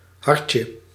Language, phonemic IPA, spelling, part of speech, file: Dutch, /ˈhɑrcə/, hartje, noun, Nl-hartje.ogg
- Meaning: diminutive of hart